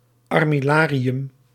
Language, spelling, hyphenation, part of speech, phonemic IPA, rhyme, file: Dutch, armillarium, ar‧mil‧la‧ri‧um, noun, /ɑr.mɪˈlaː.ri.ʏm/, -aːriʏm, Nl-armillarium.ogg
- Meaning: armillary sphere